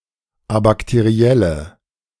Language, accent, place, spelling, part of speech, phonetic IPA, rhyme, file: German, Germany, Berlin, abakterielle, adjective, [abaktəˈʁi̯ɛlə], -ɛlə, De-abakterielle.ogg
- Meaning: inflection of abakteriell: 1. strong/mixed nominative/accusative feminine singular 2. strong nominative/accusative plural 3. weak nominative all-gender singular